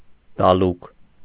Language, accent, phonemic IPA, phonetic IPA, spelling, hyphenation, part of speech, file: Armenian, Eastern Armenian, /dɑˈluk/, [dɑlúk], դալուկ, դա‧լուկ, adjective / noun, Hy-դալուկ.ogg
- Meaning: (adjective) 1. pallid 2. cheerless; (noun) jaundice